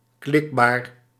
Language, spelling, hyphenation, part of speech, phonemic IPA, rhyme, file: Dutch, klikbaar, klik‧baar, adjective, /ˈklɪk.baːr/, -ɪkbaːr, Nl-klikbaar.ogg
- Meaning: clickable